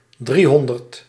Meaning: three hundred
- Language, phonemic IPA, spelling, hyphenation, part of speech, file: Dutch, /ˈdriˌɦɔn.dərt/, driehonderd, drie‧hon‧derd, numeral, Nl-driehonderd.ogg